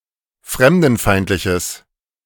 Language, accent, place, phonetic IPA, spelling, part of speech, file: German, Germany, Berlin, [ˈfʁɛmdn̩ˌfaɪ̯ntlɪçəs], fremdenfeindliches, adjective, De-fremdenfeindliches.ogg
- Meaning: strong/mixed nominative/accusative neuter singular of fremdenfeindlich